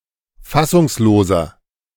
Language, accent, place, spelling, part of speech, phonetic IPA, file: German, Germany, Berlin, fassungsloser, adjective, [ˈfasʊŋsˌloːzɐ], De-fassungsloser.ogg
- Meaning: 1. comparative degree of fassungslos 2. inflection of fassungslos: strong/mixed nominative masculine singular 3. inflection of fassungslos: strong genitive/dative feminine singular